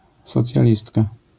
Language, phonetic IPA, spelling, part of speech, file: Polish, [ˌsɔt͡sʲjaˈlʲistka], socjalistka, noun, LL-Q809 (pol)-socjalistka.wav